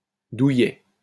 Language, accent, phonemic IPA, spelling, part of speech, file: French, France, /du.jɛ/, douillet, adjective, LL-Q150 (fra)-douillet.wav
- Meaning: 1. cosy, comfy, snug 2. soft, oversensitive to pain